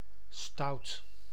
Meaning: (adjective) 1. naughty, disobedient, mischievous 2. high (expectations) 3. bold, audacious; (noun) stout (brew)
- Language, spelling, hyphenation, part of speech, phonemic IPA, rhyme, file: Dutch, stout, stout, adjective / noun, /stɑu̯t/, -ɑu̯t, Nl-stout.ogg